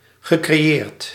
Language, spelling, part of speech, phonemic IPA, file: Dutch, gecreëerd, verb, /ɣəkreˈjert/, Nl-gecreëerd.ogg
- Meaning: past participle of creëren